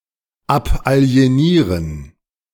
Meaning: 1. to divest (oneself) (of something), to dispose of something, to alienate (for example) property 2. to alienate (a person, etc)
- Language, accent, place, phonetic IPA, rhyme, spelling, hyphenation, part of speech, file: German, Germany, Berlin, [ˌapʔali̯eˈniːʁən], -iːʁən, abalienieren, ab‧ali‧e‧nie‧ren, verb, De-abalienieren.ogg